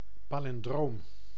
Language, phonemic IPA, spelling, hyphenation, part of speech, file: Dutch, /ˌpaː.lɪnˈdroːm/, palindroom, pa‧lin‧droom, noun, Nl-palindroom.ogg
- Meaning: palindrome